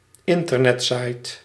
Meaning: internet site, website
- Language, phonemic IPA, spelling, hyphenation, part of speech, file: Dutch, /ˈɪn.tər.nɛtˌsɑi̯t/, internetsite, in‧ter‧net‧site, noun, Nl-internetsite.ogg